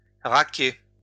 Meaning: to pay up
- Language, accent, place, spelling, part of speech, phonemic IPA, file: French, France, Lyon, raquer, verb, /ʁa.ke/, LL-Q150 (fra)-raquer.wav